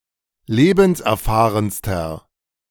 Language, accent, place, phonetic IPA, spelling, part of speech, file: German, Germany, Berlin, [ˈleːbn̩sʔɛɐ̯ˌfaːʁənstɐ], lebenserfahrenster, adjective, De-lebenserfahrenster.ogg
- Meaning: inflection of lebenserfahren: 1. strong/mixed nominative masculine singular superlative degree 2. strong genitive/dative feminine singular superlative degree